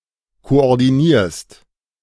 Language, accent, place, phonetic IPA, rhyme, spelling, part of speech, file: German, Germany, Berlin, [koʔɔʁdiˈniːɐ̯st], -iːɐ̯st, koordinierst, verb, De-koordinierst.ogg
- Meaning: second-person singular present of koordinieren